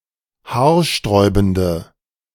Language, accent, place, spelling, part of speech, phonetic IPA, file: German, Germany, Berlin, haarsträubende, adjective, [ˈhaːɐ̯ˌʃtʁɔɪ̯bn̩də], De-haarsträubende.ogg
- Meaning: inflection of haarsträubend: 1. strong/mixed nominative/accusative feminine singular 2. strong nominative/accusative plural 3. weak nominative all-gender singular